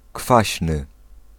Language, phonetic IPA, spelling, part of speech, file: Polish, [ˈkfaɕnɨ], kwaśny, adjective, Pl-kwaśny.ogg